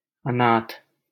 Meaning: orphan
- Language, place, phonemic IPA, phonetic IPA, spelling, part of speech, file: Hindi, Delhi, /ə.nɑːt̪ʰ/, [ɐ.näːt̪ʰ], अनाथ, noun, LL-Q1568 (hin)-अनाथ.wav